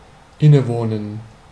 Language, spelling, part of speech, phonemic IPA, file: German, innewohnen, verb, /ˈɪnəˌvoːnən/, De-innewohnen.ogg
- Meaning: to be inherent